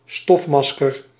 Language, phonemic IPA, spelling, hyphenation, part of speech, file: Dutch, /ˈstɔfˌmɑs.kər/, stofmasker, stof‧mas‧ker, noun, Nl-stofmasker.ogg
- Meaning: a dust mask